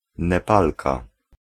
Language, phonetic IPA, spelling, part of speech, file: Polish, [nɛˈpalka], Nepalka, noun, Pl-Nepalka.ogg